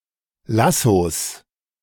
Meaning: 1. genitive singular of Lasso 2. plural of Lasso
- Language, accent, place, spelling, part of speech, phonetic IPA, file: German, Germany, Berlin, Lassos, noun, [ˈlasoːs], De-Lassos.ogg